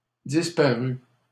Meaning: third-person singular past historic of disparaître
- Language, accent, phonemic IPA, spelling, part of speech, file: French, Canada, /dis.pa.ʁy/, disparut, verb, LL-Q150 (fra)-disparut.wav